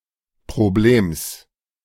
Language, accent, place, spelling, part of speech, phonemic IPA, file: German, Germany, Berlin, Problems, noun, /pʁoˈbleːms/, De-Problems.ogg
- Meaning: genitive singular of Problem